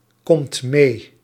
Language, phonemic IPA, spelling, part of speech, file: Dutch, /ˈkɔmt ˈme/, komt mee, verb, Nl-komt mee.ogg
- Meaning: inflection of meekomen: 1. second/third-person singular present indicative 2. plural imperative